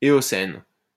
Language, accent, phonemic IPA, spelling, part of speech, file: French, France, /e.ɔ.sɛn/, éocène, adjective, LL-Q150 (fra)-éocène.wav
- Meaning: Eocene